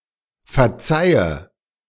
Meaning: inflection of verzeihen: 1. first-person singular present 2. first/third-person singular subjunctive I 3. singular imperative
- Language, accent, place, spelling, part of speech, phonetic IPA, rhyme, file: German, Germany, Berlin, verzeihe, verb, [fɛɐ̯ˈt͡saɪ̯ə], -aɪ̯ə, De-verzeihe.ogg